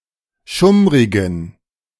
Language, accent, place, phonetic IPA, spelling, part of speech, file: German, Germany, Berlin, [ˈʃʊmʁɪɡn̩], schummrigen, adjective, De-schummrigen.ogg
- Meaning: inflection of schummrig: 1. strong genitive masculine/neuter singular 2. weak/mixed genitive/dative all-gender singular 3. strong/weak/mixed accusative masculine singular 4. strong dative plural